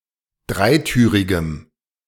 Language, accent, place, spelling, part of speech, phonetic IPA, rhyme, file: German, Germany, Berlin, dreitürigem, adjective, [ˈdʁaɪ̯ˌtyːʁɪɡəm], -aɪ̯tyːʁɪɡəm, De-dreitürigem.ogg
- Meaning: strong dative masculine/neuter singular of dreitürig